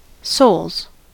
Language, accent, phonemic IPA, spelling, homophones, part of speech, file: English, US, /soʊlz/, souls, soles, noun / verb, En-us-souls.ogg
- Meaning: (noun) plural of soul; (verb) third-person singular simple present indicative of soul